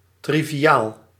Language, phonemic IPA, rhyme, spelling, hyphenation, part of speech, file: Dutch, /ˌtri.viˈaːl/, -aːl, triviaal, tri‧vi‧aal, adjective, Nl-triviaal.ogg
- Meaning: trivial, insignificant